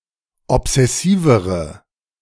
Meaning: inflection of obsessiv: 1. strong/mixed nominative/accusative feminine singular comparative degree 2. strong nominative/accusative plural comparative degree
- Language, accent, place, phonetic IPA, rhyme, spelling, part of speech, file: German, Germany, Berlin, [ɔpz̥ɛˈsiːvəʁə], -iːvəʁə, obsessivere, adjective, De-obsessivere.ogg